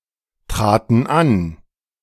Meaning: first/third-person plural preterite of antreten
- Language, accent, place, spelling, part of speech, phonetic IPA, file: German, Germany, Berlin, traten an, verb, [ˌtʁaːtn̩ ˈan], De-traten an.ogg